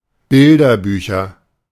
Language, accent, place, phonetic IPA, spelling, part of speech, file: German, Germany, Berlin, [ˈbɪldɐˌbyːçɐ], Bilderbücher, noun, De-Bilderbücher.ogg
- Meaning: nominative/accusative/genitive plural of Bilderbuch